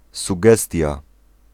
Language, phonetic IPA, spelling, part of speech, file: Polish, [suˈɡɛstʲja], sugestia, noun, Pl-sugestia.ogg